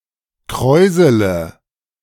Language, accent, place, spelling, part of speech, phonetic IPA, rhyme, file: German, Germany, Berlin, kräusele, verb, [ˈkʁɔɪ̯zələ], -ɔɪ̯zələ, De-kräusele.ogg
- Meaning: inflection of kräuseln: 1. first-person singular present 2. first/third-person singular subjunctive I 3. singular imperative